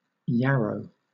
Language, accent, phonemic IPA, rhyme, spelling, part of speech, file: English, Southern England, /ˈjæɹəʊ/, -æɹəʊ, yarrow, noun, LL-Q1860 (eng)-yarrow.wav
- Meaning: 1. Any of several pungent Eurasian and North American herbs, of the genus Achillea, used in traditional herbal medicine 2. Common yarrow, Achillea millefolium, the type species of the genus